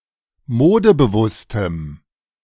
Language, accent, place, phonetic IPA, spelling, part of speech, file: German, Germany, Berlin, [ˈmoːdəbəˌvʊstəm], modebewusstem, adjective, De-modebewusstem.ogg
- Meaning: strong dative masculine/neuter singular of modebewusst